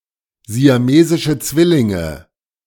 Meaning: plural of siamesischer Zwilling; conjoined twins, Siamese twins
- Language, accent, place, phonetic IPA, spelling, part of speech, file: German, Germany, Berlin, [zi̯aˈmeːzɪʃə ˈt͡svɪlɪŋə], siamesische Zwillinge, noun, De-siamesische Zwillinge.ogg